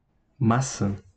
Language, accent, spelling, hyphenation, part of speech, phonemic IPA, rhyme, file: Portuguese, Brazil, maçã, ma‧çã, noun, /maˈsɐ̃/, -ɐ̃, Pt-br-maçã.ogg
- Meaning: apple (fruit)